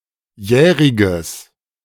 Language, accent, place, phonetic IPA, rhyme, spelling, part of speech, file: German, Germany, Berlin, [ˈjɛːʁɪɡəs], -ɛːʁɪɡəs, jähriges, adjective, De-jähriges.ogg
- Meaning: strong/mixed nominative/accusative neuter singular of jährig